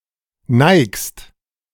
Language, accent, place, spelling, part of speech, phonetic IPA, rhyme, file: German, Germany, Berlin, neigst, verb, [naɪ̯kst], -aɪ̯kst, De-neigst.ogg
- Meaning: second-person singular present of neigen